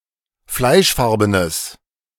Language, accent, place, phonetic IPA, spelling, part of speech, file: German, Germany, Berlin, [ˈflaɪ̯ʃˌfaʁbənəs], fleischfarbenes, adjective, De-fleischfarbenes.ogg
- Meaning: strong/mixed nominative/accusative neuter singular of fleischfarben